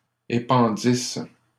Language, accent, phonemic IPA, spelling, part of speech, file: French, Canada, /e.pɑ̃.dis/, épandisses, verb, LL-Q150 (fra)-épandisses.wav
- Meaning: second-person singular imperfect subjunctive of épandre